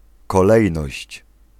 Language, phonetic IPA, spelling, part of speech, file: Polish, [kɔˈlɛjnɔɕt͡ɕ], kolejność, noun, Pl-kolejność.ogg